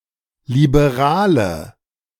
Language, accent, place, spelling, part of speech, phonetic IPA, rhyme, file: German, Germany, Berlin, Liberale, noun, [libeˈʁaːlə], -aːlə, De-Liberale.ogg
- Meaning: nominative/accusative/genitive plural of Liberaler